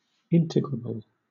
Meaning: Able to be integrated
- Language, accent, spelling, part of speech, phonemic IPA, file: English, Southern England, integrable, adjective, /ˈɪntɪɡɹəbəl/, LL-Q1860 (eng)-integrable.wav